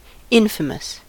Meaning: 1. Having a bad reputation; disreputable; notorious; unpleasant or evil; widely known, especially for something scornful 2. Causing infamy; disgraceful
- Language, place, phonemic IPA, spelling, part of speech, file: English, California, /ˈɪn.fə.məs/, infamous, adjective, En-us-infamous.ogg